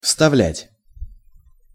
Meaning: to insert, to put in
- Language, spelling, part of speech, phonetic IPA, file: Russian, вставлять, verb, [fstɐˈvlʲætʲ], Ru-вставлять.ogg